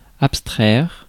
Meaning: to abstract (to separate; to remove; to take away)
- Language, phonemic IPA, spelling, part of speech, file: French, /ap.stʁɛʁ/, abstraire, verb, Fr-abstraire.ogg